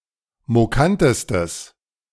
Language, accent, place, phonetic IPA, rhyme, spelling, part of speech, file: German, Germany, Berlin, [moˈkantəstəs], -antəstəs, mokantestes, adjective, De-mokantestes.ogg
- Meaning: strong/mixed nominative/accusative neuter singular superlative degree of mokant